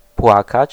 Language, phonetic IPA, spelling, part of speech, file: Polish, [ˈpwakat͡ɕ], płakać, verb, Pl-płakać.ogg